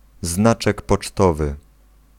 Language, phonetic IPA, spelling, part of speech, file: Polish, [ˈznat͡ʃɛk pɔt͡ʃˈtɔvɨ], znaczek pocztowy, noun, Pl-znaczek pocztowy.ogg